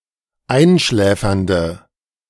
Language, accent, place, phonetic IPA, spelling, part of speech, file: German, Germany, Berlin, [ˈaɪ̯nˌʃlɛːfɐndə], einschläfernde, adjective, De-einschläfernde.ogg
- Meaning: inflection of einschläfernd: 1. strong/mixed nominative/accusative feminine singular 2. strong nominative/accusative plural 3. weak nominative all-gender singular